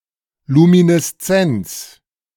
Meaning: luminescence
- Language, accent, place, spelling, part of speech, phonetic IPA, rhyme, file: German, Germany, Berlin, Lumineszenz, noun, [ˌluminɛsˈt͡sɛnt͡s], -ɛnt͡s, De-Lumineszenz.ogg